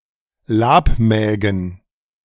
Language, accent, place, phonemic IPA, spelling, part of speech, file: German, Germany, Berlin, /ˈlaːpˌmɛːɡn̩/, Labmägen, noun, De-Labmägen.ogg
- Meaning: plural of Labmagen